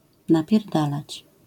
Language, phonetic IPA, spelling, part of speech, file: Polish, [ˌnapʲjɛrˈdalat͡ɕ], napierdalać, verb, LL-Q809 (pol)-napierdalać.wav